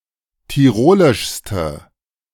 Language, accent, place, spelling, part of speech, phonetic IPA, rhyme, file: German, Germany, Berlin, tirolischste, adjective, [tiˈʁoːlɪʃstə], -oːlɪʃstə, De-tirolischste.ogg
- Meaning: inflection of tirolisch: 1. strong/mixed nominative/accusative feminine singular superlative degree 2. strong nominative/accusative plural superlative degree